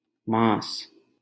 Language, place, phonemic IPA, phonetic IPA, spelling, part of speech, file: Hindi, Delhi, /mɑ̃ːs/, [mä̃ːs], माँस, noun, LL-Q1568 (hin)-माँस.wav
- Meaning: alternative spelling of मांस (māns, “meat, flesh”)